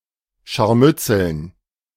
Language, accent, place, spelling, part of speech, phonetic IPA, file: German, Germany, Berlin, Scharmützeln, noun, [ˌʃaʁˈmʏt͡sl̩n], De-Scharmützeln.ogg
- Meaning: dative plural of Scharmützel